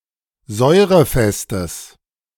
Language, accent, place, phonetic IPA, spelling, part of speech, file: German, Germany, Berlin, [ˈzɔɪ̯ʁəˌfɛstəs], säurefestes, adjective, De-säurefestes.ogg
- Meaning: strong/mixed nominative/accusative neuter singular of säurefest